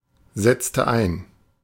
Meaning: inflection of einsetzen: 1. first/third-person singular preterite 2. first/third-person singular subjunctive II
- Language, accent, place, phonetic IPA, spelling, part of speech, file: German, Germany, Berlin, [ˌzɛt͡stə ˈaɪ̯n], setzte ein, verb, De-setzte ein.ogg